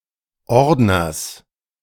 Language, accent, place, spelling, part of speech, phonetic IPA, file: German, Germany, Berlin, Ordners, noun, [ˈɔʁdnɐs], De-Ordners.ogg
- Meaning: genitive singular of Ordner